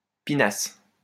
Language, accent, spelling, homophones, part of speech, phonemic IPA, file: French, France, pinasse, pinasses / pinassent, verb, /pi.nas/, LL-Q150 (fra)-pinasse.wav
- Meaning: first-person singular imperfect subjunctive of piner